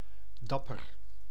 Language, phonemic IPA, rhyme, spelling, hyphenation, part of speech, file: Dutch, /ˈdɑ.pər/, -ɑpər, dapper, dap‧per, adjective, Nl-dapper.ogg
- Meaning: brave, courageous